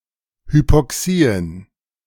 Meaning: plural of Hypoxie
- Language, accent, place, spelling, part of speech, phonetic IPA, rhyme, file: German, Germany, Berlin, Hypoxien, noun, [hypɔˈksiːən], -iːən, De-Hypoxien.ogg